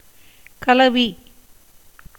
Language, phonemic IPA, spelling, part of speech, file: Tamil, /kɐlɐʋiː/, கலவி, noun, Ta-கலவி.ogg
- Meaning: 1. union, combination 2. sexual intercourse, copulation